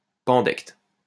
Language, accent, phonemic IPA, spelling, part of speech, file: French, France, /pɑ̃.dɛkt/, pandecte, noun, LL-Q150 (fra)-pandecte.wav
- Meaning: pandect